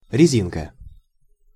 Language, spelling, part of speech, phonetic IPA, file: Russian, резинка, noun, [rʲɪˈzʲinkə], Ru-резинка.ogg
- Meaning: 1. eraser (thing used to erase something written or drawn) 2. elastic band; scrunchie (for hair); garter (for stockings) 3. gum (for chewing) 4. condom, rubber